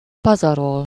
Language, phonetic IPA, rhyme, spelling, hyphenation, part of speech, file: Hungarian, [ˈpɒzɒrol], -ol, pazarol, pa‧za‧rol, verb, Hu-pazarol.ogg
- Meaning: to squander, waste (to spend or use something carelessly; on something: -ra/-re)